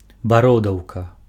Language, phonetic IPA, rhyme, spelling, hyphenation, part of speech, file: Belarusian, [baˈrodau̯ka], -odau̯ka, бародаўка, ба‧ро‧даў‧ка, noun, Be-бародаўка.ogg
- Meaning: wart (type of growth occurring on the skin)